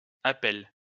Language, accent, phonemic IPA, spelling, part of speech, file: French, France, /a.pɛl/, appels, noun, LL-Q150 (fra)-appels.wav
- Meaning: plural of appel